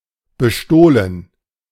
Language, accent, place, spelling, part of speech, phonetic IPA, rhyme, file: German, Germany, Berlin, bestohlen, verb, [bəˈʃtoːlən], -oːlən, De-bestohlen.ogg
- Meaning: past participle of bestehlen